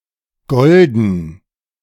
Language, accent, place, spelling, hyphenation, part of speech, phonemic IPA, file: German, Germany, Berlin, golden, gol‧den, adjective, /ˈɡɔl.dən/, De-golden2.ogg
- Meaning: 1. golden; gold (made of gold) 2. golden (gold-colored)